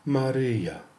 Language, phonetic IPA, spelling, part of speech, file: Polish, [maˈrɨja], Maryja, proper noun, Pl-Maryja .ogg